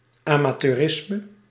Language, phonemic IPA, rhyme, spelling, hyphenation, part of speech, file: Dutch, /ˌɑ.maː.tøːˈrɪs.mə/, -ɪsmə, amateurisme, ama‧teu‧ris‧me, noun, Nl-amateurisme.ogg
- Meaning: 1. amateurism 2. amateurishness, incompetence, dilettantism